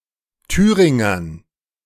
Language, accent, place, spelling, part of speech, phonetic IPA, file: German, Germany, Berlin, Thüringern, noun, [ˈtyːʁɪŋɐn], De-Thüringern.ogg
- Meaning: dative plural of Thüringer